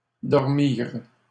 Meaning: third-person plural past historic of dormir
- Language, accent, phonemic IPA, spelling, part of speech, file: French, Canada, /dɔʁ.miʁ/, dormirent, verb, LL-Q150 (fra)-dormirent.wav